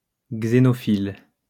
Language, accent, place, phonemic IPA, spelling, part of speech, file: French, France, Lyon, /ɡze.nɔ.fil/, xénophile, adjective, LL-Q150 (fra)-xénophile.wav
- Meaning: xenophilic